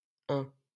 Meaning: 1. Ain (a department of Auvergne-Rhône-Alpes, France) 2. Ain (a river in the Jura and Ain departments, in eastern France, flowing from the Jura Mountains into the Rhône River)
- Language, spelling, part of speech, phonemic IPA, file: French, Ain, proper noun, /ɛ̃/, LL-Q150 (fra)-Ain.wav